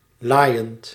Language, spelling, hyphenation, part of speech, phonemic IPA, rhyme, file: Dutch, laaiend, laai‧end, adjective / adverb / verb, /ˈlaːi̯.ənt/, -aːi̯ənt, Nl-laaiend.ogg
- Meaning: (adjective) furious, enraged; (adverb) fiercely, intensely, ferociously; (verb) present participle of laaien